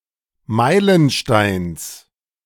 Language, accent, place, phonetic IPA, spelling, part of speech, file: German, Germany, Berlin, [ˈmaɪ̯lənˌʃtaɪ̯ns], Meilensteins, noun, De-Meilensteins.ogg
- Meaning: genitive singular of Meilenstein